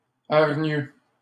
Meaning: aggressive
- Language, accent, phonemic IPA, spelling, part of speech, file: French, Canada, /aʁ.ɲø/, hargneux, adjective, LL-Q150 (fra)-hargneux.wav